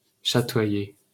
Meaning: to shimmer; to iridesce (to reflect light in different colors depending on the direction and orientation)
- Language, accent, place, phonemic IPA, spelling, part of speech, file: French, France, Paris, /ʃa.twa.je/, chatoyer, verb, LL-Q150 (fra)-chatoyer.wav